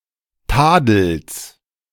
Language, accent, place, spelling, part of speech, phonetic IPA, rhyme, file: German, Germany, Berlin, Tadels, noun, [ˈtaːdl̩s], -aːdl̩s, De-Tadels.ogg
- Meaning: genitive of Tadel